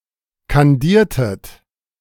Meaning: inflection of kandieren: 1. second-person plural preterite 2. second-person plural subjunctive II
- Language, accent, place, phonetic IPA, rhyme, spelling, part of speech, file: German, Germany, Berlin, [kanˈdiːɐ̯tət], -iːɐ̯tət, kandiertet, verb, De-kandiertet.ogg